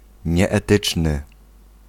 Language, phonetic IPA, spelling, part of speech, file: Polish, [ˌɲɛːˈtɨt͡ʃnɨ], nieetyczny, adjective, Pl-nieetyczny.ogg